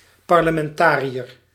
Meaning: parliamentarian, member of a parliament
- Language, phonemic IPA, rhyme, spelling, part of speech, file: Dutch, /ˌpɑr.lə.mɛnˈtaː.ri.ər/, -aːriər, parlementariër, noun, Nl-parlementariër.ogg